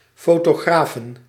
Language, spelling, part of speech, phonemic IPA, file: Dutch, fotografen, noun, /ˌfotoˈɣrafə(n)/, Nl-fotografen.ogg
- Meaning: 1. plural of fotograaf 2. plural of fotografe